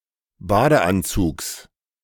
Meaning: genitive singular of Badeanzug
- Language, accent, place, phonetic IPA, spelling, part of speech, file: German, Germany, Berlin, [ˈbaːdəˌʔant͡suːks], Badeanzugs, noun, De-Badeanzugs.ogg